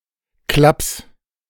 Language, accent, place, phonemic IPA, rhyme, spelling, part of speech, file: German, Germany, Berlin, /ˈklaps/, -aps, Klaps, noun, De-Klaps.ogg
- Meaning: 1. light slap 2. slight craziness; screw loose